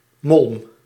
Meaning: 1. mould 2. powdery product left behind by rotten wood
- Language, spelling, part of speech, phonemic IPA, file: Dutch, molm, noun / verb, /ˈmɔlᵊm/, Nl-molm.ogg